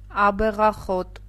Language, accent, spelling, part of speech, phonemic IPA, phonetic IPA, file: Armenian, Eastern Armenian, աբեղախոտ, noun, /ɑbeʁɑˈχot/, [ɑbeʁɑχót], Hy-աբեղախոտ.ogg
- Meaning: woundwort, hedge nettle (Stachys)